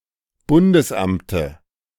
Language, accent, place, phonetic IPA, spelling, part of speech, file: German, Germany, Berlin, [ˈbʊndəsˌʔamtə], Bundesamte, noun, De-Bundesamte.ogg
- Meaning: dative singular of Bundesamt